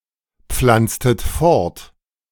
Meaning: inflection of fortpflanzen: 1. second-person plural preterite 2. second-person plural subjunctive II
- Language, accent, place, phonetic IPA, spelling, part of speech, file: German, Germany, Berlin, [ˌp͡flant͡stət ˈfɔʁt], pflanztet fort, verb, De-pflanztet fort.ogg